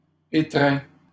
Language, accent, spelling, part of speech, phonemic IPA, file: French, Canada, étreins, verb, /e.tʁɛ̃/, LL-Q150 (fra)-étreins.wav
- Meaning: inflection of étreindre: 1. first/second-person singular present indicative 2. second-person singular imperative